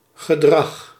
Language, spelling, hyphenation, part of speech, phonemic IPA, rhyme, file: Dutch, gedrag, ge‧drag, noun, /ɣəˈdrɑx/, -ɑx, Nl-gedrag.ogg
- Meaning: behaviour, conduct